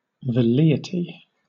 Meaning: 1. The lowest degree of desire or volition; a total lack of effort to act 2. A slight wish not followed by any effort to obtain
- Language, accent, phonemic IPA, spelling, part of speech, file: English, Southern England, /vɛˈliː.ɪ.ti/, velleity, noun, LL-Q1860 (eng)-velleity.wav